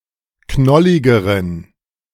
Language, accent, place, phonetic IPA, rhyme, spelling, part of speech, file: German, Germany, Berlin, [ˈknɔlɪɡəʁən], -ɔlɪɡəʁən, knolligeren, adjective, De-knolligeren.ogg
- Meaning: inflection of knollig: 1. strong genitive masculine/neuter singular comparative degree 2. weak/mixed genitive/dative all-gender singular comparative degree